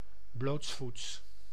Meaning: barefoot, without wearing any footwear
- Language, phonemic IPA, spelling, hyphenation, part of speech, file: Dutch, /ˈbloːts.futs/, blootsvoets, bloots‧voets, adjective, Nl-blootsvoets.ogg